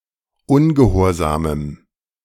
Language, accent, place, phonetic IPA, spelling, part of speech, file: German, Germany, Berlin, [ˈʊnɡəˌhoːɐ̯zaːməm], ungehorsamem, adjective, De-ungehorsamem.ogg
- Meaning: strong dative masculine/neuter singular of ungehorsam